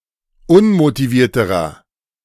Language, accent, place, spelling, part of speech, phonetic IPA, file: German, Germany, Berlin, unmotivierterer, adjective, [ˈʊnmotiˌviːɐ̯təʁɐ], De-unmotivierterer.ogg
- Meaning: inflection of unmotiviert: 1. strong/mixed nominative masculine singular comparative degree 2. strong genitive/dative feminine singular comparative degree 3. strong genitive plural comparative degree